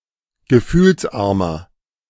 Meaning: 1. comparative degree of gefühlsarm 2. inflection of gefühlsarm: strong/mixed nominative masculine singular 3. inflection of gefühlsarm: strong genitive/dative feminine singular
- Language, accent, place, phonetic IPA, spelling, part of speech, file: German, Germany, Berlin, [ɡəˈfyːlsˌʔaʁmɐ], gefühlsarmer, adjective, De-gefühlsarmer.ogg